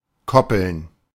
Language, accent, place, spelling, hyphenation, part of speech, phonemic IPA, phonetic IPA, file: German, Germany, Berlin, koppeln, kop‧peln, verb, /ˈkɔpəln/, [ˈkʰɔpl̩n], De-koppeln.ogg
- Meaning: 1. to connect or interconnect 2. to connect or interconnect: to tether an electronic device to a computer on the network 3. to couple or interlink